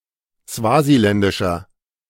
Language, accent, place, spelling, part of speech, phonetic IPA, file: German, Germany, Berlin, swasiländischer, adjective, [ˈsvaːziˌlɛndɪʃɐ], De-swasiländischer.ogg
- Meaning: inflection of swasiländisch: 1. strong/mixed nominative masculine singular 2. strong genitive/dative feminine singular 3. strong genitive plural